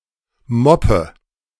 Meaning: inflection of moppen: 1. first-person singular present 2. singular imperative 3. first/third-person singular subjunctive I
- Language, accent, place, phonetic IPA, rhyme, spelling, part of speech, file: German, Germany, Berlin, [ˈmɔpə], -ɔpə, moppe, verb, De-moppe.ogg